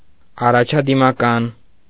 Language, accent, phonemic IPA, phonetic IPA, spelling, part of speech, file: Armenian, Eastern Armenian, /ɑrɑt͡ʃʰɑdimɑˈkɑn/, [ɑrɑt͡ʃʰɑdimɑkɑ́n], առաջադիմական, adjective / noun, Hy-առաջադիմական.ogg
- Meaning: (adjective) progressive, advanced; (noun) progressive